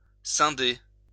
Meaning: to split up, to divide
- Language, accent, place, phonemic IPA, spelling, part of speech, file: French, France, Lyon, /sɛ̃.de/, scinder, verb, LL-Q150 (fra)-scinder.wav